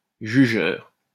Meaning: judgmental
- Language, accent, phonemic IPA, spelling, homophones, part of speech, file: French, France, /ʒy.ʒœʁ/, jugeur, jugeurs, adjective, LL-Q150 (fra)-jugeur.wav